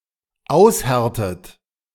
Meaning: inflection of aushärten: 1. third-person singular dependent present 2. second-person plural dependent present 3. second-person plural dependent subjunctive I
- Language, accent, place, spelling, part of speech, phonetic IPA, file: German, Germany, Berlin, aushärtet, verb, [ˈaʊ̯sˌhɛʁtət], De-aushärtet.ogg